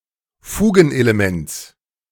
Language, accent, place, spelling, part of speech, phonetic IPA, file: German, Germany, Berlin, Fugenelements, noun, [ˈfuːɡn̩ʔeleˌmɛnt͡s], De-Fugenelements.ogg
- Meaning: genitive singular of Fugenelement